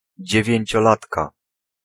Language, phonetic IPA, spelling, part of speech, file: Polish, [ˌd͡ʑɛvʲjɛ̇̃ɲt͡ɕɔˈlatka], dziewięciolatka, noun, Pl-dziewięciolatka.ogg